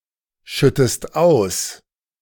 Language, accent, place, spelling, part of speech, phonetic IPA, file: German, Germany, Berlin, schüttest aus, verb, [ˌʃʏtəst ˈaʊ̯s], De-schüttest aus.ogg
- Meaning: inflection of ausschütten: 1. second-person singular present 2. second-person singular subjunctive I